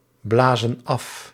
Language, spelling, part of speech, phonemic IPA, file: Dutch, blazen af, verb, /ˈblazə(n) ˈɑf/, Nl-blazen af.ogg
- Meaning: inflection of afblazen: 1. plural present indicative 2. plural present subjunctive